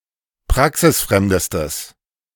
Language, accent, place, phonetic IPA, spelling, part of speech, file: German, Germany, Berlin, [ˈpʁaksɪsˌfʁɛmdəstəs], praxisfremdestes, adjective, De-praxisfremdestes.ogg
- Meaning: strong/mixed nominative/accusative neuter singular superlative degree of praxisfremd